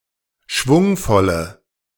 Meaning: inflection of schwungvoll: 1. strong/mixed nominative/accusative feminine singular 2. strong nominative/accusative plural 3. weak nominative all-gender singular
- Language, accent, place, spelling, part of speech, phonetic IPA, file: German, Germany, Berlin, schwungvolle, adjective, [ˈʃvʊŋfɔlə], De-schwungvolle.ogg